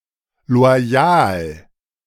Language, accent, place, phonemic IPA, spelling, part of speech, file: German, Germany, Berlin, /lo̯aˈjaːl/, loyal, adjective, De-loyal.ogg
- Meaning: loyal